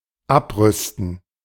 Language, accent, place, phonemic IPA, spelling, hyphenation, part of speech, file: German, Germany, Berlin, /ˈapˌʁʏstn̩/, abrüsten, ab‧rüs‧ten, verb, De-abrüsten.ogg
- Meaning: to disarm